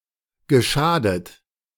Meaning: past participle of schaden
- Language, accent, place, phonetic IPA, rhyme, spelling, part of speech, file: German, Germany, Berlin, [ɡəˈʃaːdət], -aːdət, geschadet, verb, De-geschadet.ogg